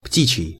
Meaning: 1. bird 2. poultry
- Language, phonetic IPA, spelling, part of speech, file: Russian, [ˈptʲit͡ɕɪj], птичий, adjective, Ru-птичий.ogg